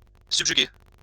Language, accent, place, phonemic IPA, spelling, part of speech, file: French, France, Lyon, /syb.ʒy.ɡe/, subjuguer, verb, LL-Q150 (fra)-subjuguer.wav
- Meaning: 1. to subjugate 2. to enthrall, captivate